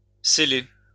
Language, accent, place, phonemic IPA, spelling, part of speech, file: French, France, Lyon, /se.le/, céler, verb, LL-Q150 (fra)-céler.wav
- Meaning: obsolete form of celer